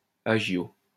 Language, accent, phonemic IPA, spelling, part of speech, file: French, France, /a.ʒjo/, agio, noun, LL-Q150 (fra)-agio.wav
- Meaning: exchange premium, agio